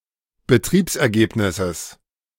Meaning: genitive singular of Betriebsergebnis
- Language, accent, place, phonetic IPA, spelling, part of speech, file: German, Germany, Berlin, [bəˈtʁiːpsʔɛɐ̯ˌɡeːpnɪsəs], Betriebsergebnisses, noun, De-Betriebsergebnisses.ogg